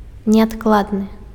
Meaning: pressing, urgent
- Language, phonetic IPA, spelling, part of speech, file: Belarusian, [nʲeatkˈɫadnɨ], неадкладны, adjective, Be-неадкладны.ogg